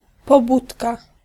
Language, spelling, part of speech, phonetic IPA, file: Polish, pobudka, noun / interjection, [pɔˈbutka], Pl-pobudka.ogg